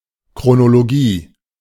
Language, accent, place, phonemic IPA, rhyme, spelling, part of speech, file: German, Germany, Berlin, /kʁonoloˈɡiː/, -iː, Chronologie, noun, De-Chronologie.ogg
- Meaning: chronology